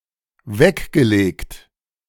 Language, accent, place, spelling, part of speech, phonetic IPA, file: German, Germany, Berlin, weggelegt, verb, [ˈvɛkɡəˌleːkt], De-weggelegt.ogg
- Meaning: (verb) past participle of weglegen; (adjective) laid aside